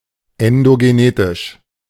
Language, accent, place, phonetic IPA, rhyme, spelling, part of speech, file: German, Germany, Berlin, [ɛndoɡeˈneːtɪʃ], -eːtɪʃ, endogenetisch, adjective, De-endogenetisch.ogg
- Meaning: endogenetic